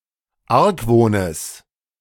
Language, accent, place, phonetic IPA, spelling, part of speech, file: German, Germany, Berlin, [ˈaʁkˌvoːnəs], Argwohnes, noun, De-Argwohnes.ogg
- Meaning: genitive singular of Argwohn